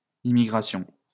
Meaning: plural of immigration
- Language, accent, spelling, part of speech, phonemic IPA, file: French, France, immigrations, noun, /i.mi.ɡʁa.sjɔ̃/, LL-Q150 (fra)-immigrations.wav